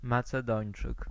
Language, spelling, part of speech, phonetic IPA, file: Polish, Macedończyk, noun, [ˌmat͡sɛˈdɔ̃j̃n͇t͡ʃɨk], Pl-Macedończyk.ogg